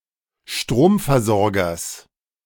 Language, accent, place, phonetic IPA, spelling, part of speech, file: German, Germany, Berlin, [ˈʃtʁoːmfɛɐ̯zɔʁɡɐs], Stromversorgers, noun, De-Stromversorgers.ogg
- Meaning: genitive singular of Stromversorger